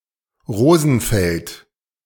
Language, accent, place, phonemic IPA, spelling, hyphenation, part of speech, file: German, Germany, Berlin, /ˈʁoːzn̩ˌfɛlt/, Rosenfeld, Ro‧sen‧feld, noun / proper noun, De-Rosenfeld.ogg
- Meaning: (noun) rose field; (proper noun) 1. a town in Zollernalbkreis district, Baden-Württemberg, Germany 2. a surname